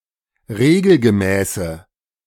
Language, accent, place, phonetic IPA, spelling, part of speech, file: German, Germany, Berlin, [ˈʁeːɡl̩ɡəˌmɛːsə], regelgemäße, adjective, De-regelgemäße.ogg
- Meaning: inflection of regelgemäß: 1. strong/mixed nominative/accusative feminine singular 2. strong nominative/accusative plural 3. weak nominative all-gender singular